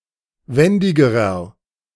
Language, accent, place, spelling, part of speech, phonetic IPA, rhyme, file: German, Germany, Berlin, wendigerer, adjective, [ˈvɛndɪɡəʁɐ], -ɛndɪɡəʁɐ, De-wendigerer.ogg
- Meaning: inflection of wendig: 1. strong/mixed nominative masculine singular comparative degree 2. strong genitive/dative feminine singular comparative degree 3. strong genitive plural comparative degree